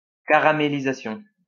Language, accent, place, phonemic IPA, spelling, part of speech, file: French, France, Lyon, /ka.ʁa.me.li.za.sjɔ̃/, caramélisation, noun, LL-Q150 (fra)-caramélisation.wav
- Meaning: caramelisation